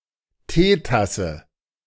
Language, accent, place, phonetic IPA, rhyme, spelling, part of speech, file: German, Germany, Berlin, [ˈteːˌtasə], -eːtasə, Teetasse, noun, De-Teetasse.ogg
- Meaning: teacup (cup for drinking tea)